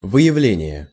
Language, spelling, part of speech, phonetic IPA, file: Russian, выявление, noun, [vɨ(j)ɪˈvlʲenʲɪje], Ru-выявление.ogg
- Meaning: 1. detection, elicitation 2. revelation